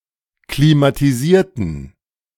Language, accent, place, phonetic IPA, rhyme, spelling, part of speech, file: German, Germany, Berlin, [klimatiˈziːɐ̯tn̩], -iːɐ̯tn̩, klimatisierten, adjective / verb, De-klimatisierten.ogg
- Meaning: inflection of klimatisieren: 1. first/third-person plural preterite 2. first/third-person plural subjunctive II